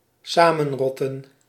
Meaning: to assemble with malicious intent, e.g. to conspire or to gather for a riot
- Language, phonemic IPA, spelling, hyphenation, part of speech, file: Dutch, /ˈsaː.mə(n)ˌrɔ.tə(n)/, samenrotten, sa‧men‧rot‧ten, verb, Nl-samenrotten.ogg